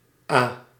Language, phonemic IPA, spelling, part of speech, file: Dutch, /aː/, a-, prefix, Nl-a-.ogg
- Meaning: a-: not, without, opposite of